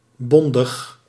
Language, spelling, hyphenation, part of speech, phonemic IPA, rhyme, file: Dutch, bondig, bon‧dig, adjective, /ˈbɔn.dəx/, -ɔndəx, Nl-bondig.ogg
- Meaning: 1. succinct, concise, terse 2. solid, strong or dense 3. binding, lasting, permanent